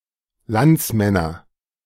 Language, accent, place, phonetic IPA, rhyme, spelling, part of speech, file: German, Germany, Berlin, [ˈlant͡sˌmɛnɐ], -ant͡smɛnɐ, Landsmänner, noun, De-Landsmänner.ogg
- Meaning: nominative/accusative/genitive plural of Landsmann